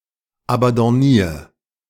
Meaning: 1. singular imperative of abandonnieren 2. first-person singular present of abandonnieren
- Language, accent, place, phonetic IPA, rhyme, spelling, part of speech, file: German, Germany, Berlin, [abɑ̃dɔˈniːɐ̯], -iːɐ̯, abandonnier, verb, De-abandonnier.ogg